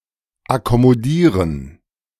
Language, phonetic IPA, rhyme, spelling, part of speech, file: German, [akɔmoˈdiːʁən], -iːʁən, akkommodieren, verb, De-akkommodieren.oga
- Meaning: to accommodate